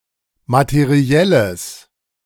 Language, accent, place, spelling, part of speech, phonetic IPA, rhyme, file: German, Germany, Berlin, materielles, adjective, [matəˈʁi̯ɛləs], -ɛləs, De-materielles.ogg
- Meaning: strong/mixed nominative/accusative neuter singular of materiell